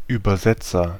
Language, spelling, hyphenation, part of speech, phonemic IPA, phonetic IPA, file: German, Übersetzer, Über‧set‧zer, noun, /yːbərˈzɛtsər/, [ˌyː.bɐˈzɛ.t͡sɐ], De-Übersetzer.ogg
- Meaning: 1. translator (one who translates completed texts; male or of unspecified sex) 2. translator (one who translates or interprets in any context)